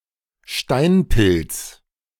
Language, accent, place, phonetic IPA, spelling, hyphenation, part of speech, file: German, Germany, Berlin, [ˈʃtaɪ̯nˌpɪlt͡s], Steinpilz, Stein‧pilz, noun, De-Steinpilz.ogg
- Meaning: porcini (an edible mushroom, Boletus edulis)